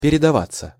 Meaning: 1. to go over to, to spread 2. passive of передава́ть (peredavátʹ)
- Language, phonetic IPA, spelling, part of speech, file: Russian, [pʲɪrʲɪdɐˈvat͡sːə], передаваться, verb, Ru-передаваться.ogg